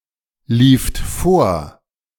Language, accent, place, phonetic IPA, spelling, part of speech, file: German, Germany, Berlin, [ˌliːft ˈfoːɐ̯], lieft vor, verb, De-lieft vor.ogg
- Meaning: second-person plural preterite of vorlaufen